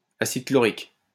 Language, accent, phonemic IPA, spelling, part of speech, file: French, France, /a.sid klɔ.ʁik/, acide chlorique, noun, LL-Q150 (fra)-acide chlorique.wav
- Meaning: chloric acid